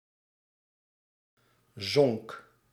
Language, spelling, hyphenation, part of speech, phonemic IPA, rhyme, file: Dutch, zonk, zonk, verb, /zɔŋk/, -ɔŋk, Nl-zonk.ogg
- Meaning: singular past indicative of zinken